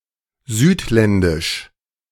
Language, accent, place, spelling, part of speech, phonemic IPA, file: German, Germany, Berlin, südländisch, adjective, /ˈzyːtˌlɛndɪʃ/, De-südländisch.ogg
- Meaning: 1. southern 2. foreign, with darker skin and hair, especially African, Arabian or Turkish